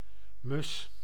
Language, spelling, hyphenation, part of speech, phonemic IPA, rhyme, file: Dutch, mus, mus, noun, /mʏs/, -ʏs, Nl-mus.ogg
- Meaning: sparrow, bird of the family Passeridae, especially of the genus Passer and a few other genera